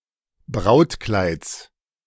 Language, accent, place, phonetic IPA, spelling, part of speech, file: German, Germany, Berlin, [ˈbʁaʊ̯tˌklaɪ̯t͡s], Brautkleids, noun, De-Brautkleids.ogg
- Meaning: genitive singular of Brautkleid